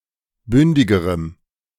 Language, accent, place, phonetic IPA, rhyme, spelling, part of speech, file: German, Germany, Berlin, [ˈbʏndɪɡəʁəm], -ʏndɪɡəʁəm, bündigerem, adjective, De-bündigerem.ogg
- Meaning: strong dative masculine/neuter singular comparative degree of bündig